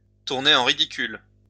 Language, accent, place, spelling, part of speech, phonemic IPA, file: French, France, Lyon, tourner en ridicule, verb, /tuʁ.ne.ʁ‿ɑ̃ ʁi.di.kyl/, LL-Q150 (fra)-tourner en ridicule.wav
- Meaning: to ridicule somebody; to mock